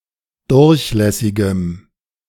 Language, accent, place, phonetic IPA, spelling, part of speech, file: German, Germany, Berlin, [ˈdʊʁçˌlɛsɪɡəm], durchlässigem, adjective, De-durchlässigem.ogg
- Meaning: strong dative masculine/neuter singular of durchlässig